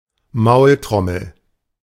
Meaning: Jew's harp, mouth harp
- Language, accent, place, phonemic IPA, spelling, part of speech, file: German, Germany, Berlin, /maʊ̯ltʁɔml̩/, Maultrommel, noun, De-Maultrommel.ogg